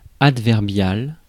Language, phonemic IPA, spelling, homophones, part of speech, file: French, /ad.vɛʁ.bjal/, adverbial, adverbiale / adverbiales, adjective, Fr-adverbial.ogg
- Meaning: adverbial